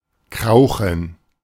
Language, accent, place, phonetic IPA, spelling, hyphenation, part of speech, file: German, Germany, Berlin, [ˈkʁaʊ̯xn̩], krauchen, krau‧chen, verb, De-krauchen.ogg
- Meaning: to creep; to crawl